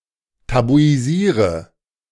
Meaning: inflection of tabuisieren: 1. first-person singular present 2. singular imperative 3. first/third-person singular subjunctive I
- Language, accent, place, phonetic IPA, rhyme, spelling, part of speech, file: German, Germany, Berlin, [tabuiˈziːʁə], -iːʁə, tabuisiere, verb, De-tabuisiere.ogg